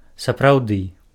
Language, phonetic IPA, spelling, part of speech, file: Belarusian, [saprau̯ˈdɨ], сапраўды, adverb, Be-сапраўды.ogg
- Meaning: 1. exactly 2. actually